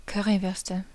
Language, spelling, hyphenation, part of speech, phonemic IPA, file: German, Currywürste, Cur‧ry‧würs‧te, noun, /ˈkœʁivʏʁstə/, De-Currywürste.ogg
- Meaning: nominative/accusative/genitive plural of Currywurst